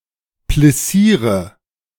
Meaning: inflection of plissieren: 1. first-person singular present 2. first/third-person singular subjunctive I 3. singular imperative
- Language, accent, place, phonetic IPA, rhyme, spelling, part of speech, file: German, Germany, Berlin, [plɪˈsiːʁə], -iːʁə, plissiere, verb, De-plissiere.ogg